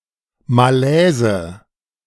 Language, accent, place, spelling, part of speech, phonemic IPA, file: German, Germany, Berlin, Malaise, noun, /maˈlɛːzə/, De-Malaise.ogg
- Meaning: 1. discomfort, unease 2. difficult situation